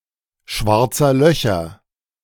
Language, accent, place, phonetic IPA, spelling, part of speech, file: German, Germany, Berlin, [ˌʃvaʁt͡sɐ ˈlœçɐ], schwarzer Löcher, noun, De-schwarzer Löcher.ogg
- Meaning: genitive plural of schwarzes Loch